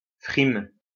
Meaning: show (showing off, for the sake of acting)
- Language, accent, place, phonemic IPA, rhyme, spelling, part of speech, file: French, France, Lyon, /fʁim/, -im, frime, noun, LL-Q150 (fra)-frime.wav